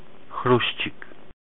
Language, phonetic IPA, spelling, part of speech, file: Polish, [ˈxruɕt͡ɕik], chruścik, noun, Pl-chruścik.ogg